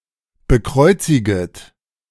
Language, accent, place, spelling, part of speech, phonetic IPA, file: German, Germany, Berlin, bekreuziget, verb, [bəˈkʁɔɪ̯t͡sɪɡət], De-bekreuziget.ogg
- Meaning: second-person plural subjunctive I of bekreuzigen